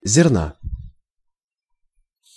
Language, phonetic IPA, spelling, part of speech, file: Russian, [zʲɪrˈna], зерна, noun, Ru-зерна.ogg
- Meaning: genitive singular of зерно́ (zernó)